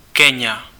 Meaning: Kenya (a country in East Africa)
- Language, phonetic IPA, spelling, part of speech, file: Czech, [ˈkɛɲa], Keňa, proper noun, Cs-Keňa.ogg